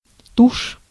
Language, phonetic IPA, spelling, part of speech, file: Russian, [tuʂ], тушь, noun, Ru-тушь.ogg
- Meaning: 1. India ink 2. mascara